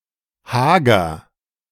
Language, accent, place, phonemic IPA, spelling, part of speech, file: German, Germany, Berlin, /ˈhaːɡɐ/, hager, adjective, De-hager.ogg
- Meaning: gaunt, lean, haggard